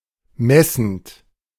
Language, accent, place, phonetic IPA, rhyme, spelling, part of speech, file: German, Germany, Berlin, [ˈmɛsn̩t], -ɛsn̩t, messend, verb, De-messend.ogg
- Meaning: present participle of messen